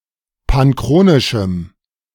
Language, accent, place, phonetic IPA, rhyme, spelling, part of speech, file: German, Germany, Berlin, [panˈkʁoːnɪʃm̩], -oːnɪʃm̩, panchronischem, adjective, De-panchronischem.ogg
- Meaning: strong dative masculine/neuter singular of panchronisch